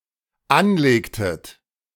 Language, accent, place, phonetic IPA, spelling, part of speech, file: German, Germany, Berlin, [ˈanˌleːktət], anlegtet, verb, De-anlegtet.ogg
- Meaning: inflection of anlegen: 1. second-person plural dependent preterite 2. second-person plural dependent subjunctive II